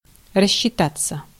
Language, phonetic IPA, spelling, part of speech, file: Russian, [rəɕːɪˈtat͡sːə], рассчитаться, verb, Ru-рассчитаться.ogg
- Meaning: 1. to settle accounts (with), to reckon (with), to square up (with), to settle up 2. to get even, to get back some of one's own 3. to number (off) 4. to pay (for)